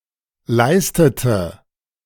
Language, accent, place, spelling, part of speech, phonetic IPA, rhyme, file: German, Germany, Berlin, leistete, verb, [ˈlaɪ̯stətə], -aɪ̯stətə, De-leistete.ogg
- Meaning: inflection of leisten: 1. first/third-person singular preterite 2. first/third-person singular subjunctive II